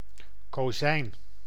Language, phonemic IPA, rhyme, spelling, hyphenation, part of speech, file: Dutch, /koːˈzɛi̯n/, -ɛi̯n, kozijn, ko‧zijn, noun, Nl-kozijn.ogg
- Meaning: 1. window frame or door frame 2. a male cousin 3. a nephew